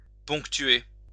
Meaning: to punctuate
- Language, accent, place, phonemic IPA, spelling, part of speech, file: French, France, Lyon, /pɔ̃k.tɥe/, ponctuer, verb, LL-Q150 (fra)-ponctuer.wav